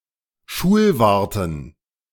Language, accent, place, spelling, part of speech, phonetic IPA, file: German, Germany, Berlin, Schulwarten, noun, [ˈʃuːlˌvaʁtn̩], De-Schulwarten.ogg
- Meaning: dative plural of Schulwart